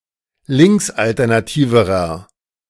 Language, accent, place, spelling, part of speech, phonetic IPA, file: German, Germany, Berlin, linksalternativerer, adjective, [ˈlɪŋksʔaltɛʁnaˌtiːvəʁɐ], De-linksalternativerer.ogg
- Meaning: inflection of linksalternativ: 1. strong/mixed nominative masculine singular comparative degree 2. strong genitive/dative feminine singular comparative degree